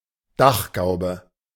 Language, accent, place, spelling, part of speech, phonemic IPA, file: German, Germany, Berlin, Dachgaube, noun, /ˈdaχˌɡaʊ̯bə/, De-Dachgaube.ogg
- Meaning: dormer